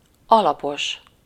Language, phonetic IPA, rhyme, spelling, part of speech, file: Hungarian, [ˈɒlɒpoʃ], -oʃ, alapos, adjective, Hu-alapos.ogg
- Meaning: 1. thorough 2. conscientious, painstaking 3. well-founded, well-substantiated